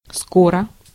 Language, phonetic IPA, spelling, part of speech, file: Russian, [ˈskorə], скоро, adverb / adjective, Ru-скоро.ogg
- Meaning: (adverb) 1. soon 2. speedily, quickly; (adjective) short neuter singular of ско́рый (skóryj)